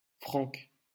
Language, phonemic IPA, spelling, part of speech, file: French, /fʁɑ̃k/, Frank, proper noun, LL-Q150 (fra)-Frank.wav
- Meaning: a male given name, equivalent to English Frank